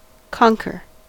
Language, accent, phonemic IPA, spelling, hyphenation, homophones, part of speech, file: English, US, /ˈkɑŋkɚ/, conquer, con‧quer, conker, verb, En-us-conquer.ogg
- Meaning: 1. To defeat in combat; to subjugate 2. To become a leader, decisive factor or champion in an area 3. To acquire by force of arms, win in war; to become ruler of; to subjugate